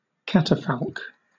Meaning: A platform used to display or convey a coffin during a funeral, often ornate
- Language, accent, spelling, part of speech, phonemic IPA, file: English, Southern England, catafalque, noun, /ˈkatəfalk/, LL-Q1860 (eng)-catafalque.wav